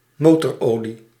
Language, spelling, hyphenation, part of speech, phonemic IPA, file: Dutch, motorolie, mo‧tor‧olie, noun, /ˈmotɔrˌoli/, Nl-motorolie.ogg
- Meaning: motor oil